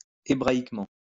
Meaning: Hebraically
- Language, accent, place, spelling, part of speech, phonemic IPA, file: French, France, Lyon, hébraïquement, adverb, /e.bʁa.ik.mɑ̃/, LL-Q150 (fra)-hébraïquement.wav